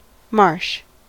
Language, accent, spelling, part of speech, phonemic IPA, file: English, US, marsh, noun, /mɑɹʃ/, En-us-marsh.ogg
- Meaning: An area of low, wet land, often with tall grass or herbaceous plants